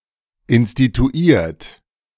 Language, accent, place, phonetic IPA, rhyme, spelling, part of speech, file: German, Germany, Berlin, [ɪnstituˈiːɐ̯t], -iːɐ̯t, instituiert, verb, De-instituiert.ogg
- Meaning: 1. past participle of instituieren 2. inflection of instituieren: third-person singular present 3. inflection of instituieren: second-person plural present